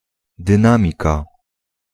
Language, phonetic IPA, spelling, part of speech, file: Polish, [dɨ̃ˈnãmʲika], dynamika, noun, Pl-dynamika.ogg